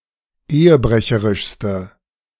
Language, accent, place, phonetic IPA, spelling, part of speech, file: German, Germany, Berlin, [ˈeːəˌbʁɛçəʁɪʃstə], ehebrecherischste, adjective, De-ehebrecherischste.ogg
- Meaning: inflection of ehebrecherisch: 1. strong/mixed nominative/accusative feminine singular superlative degree 2. strong nominative/accusative plural superlative degree